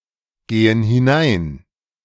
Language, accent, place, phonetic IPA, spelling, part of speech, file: German, Germany, Berlin, [ˌɡeːən hɪˈnaɪ̯n], gehen hinein, verb, De-gehen hinein.ogg
- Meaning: inflection of hineingehen: 1. first/third-person plural present 2. first/third-person plural subjunctive I